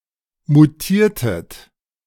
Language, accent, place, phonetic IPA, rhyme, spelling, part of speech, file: German, Germany, Berlin, [muˈtiːɐ̯tət], -iːɐ̯tət, mutiertet, verb, De-mutiertet.ogg
- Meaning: inflection of mutieren: 1. second-person plural preterite 2. second-person plural subjunctive II